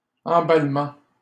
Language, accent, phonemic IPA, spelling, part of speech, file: French, Canada, /ɑ̃.bal.mɑ̃/, emballement, noun, LL-Q150 (fra)-emballement.wav
- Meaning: packing up; packaging